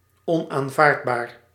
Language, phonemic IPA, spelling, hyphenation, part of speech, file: Dutch, /ˌɔn.aːnˈvaːrt.baːr/, onaanvaardbaar, on‧aan‧vaard‧baar, adjective, Nl-onaanvaardbaar.ogg
- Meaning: unacceptable, unallowable, impermissible